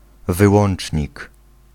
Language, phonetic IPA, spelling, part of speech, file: Polish, [vɨˈwɔ̃n͇t͡ʃʲɲik], wyłącznik, noun, Pl-wyłącznik.ogg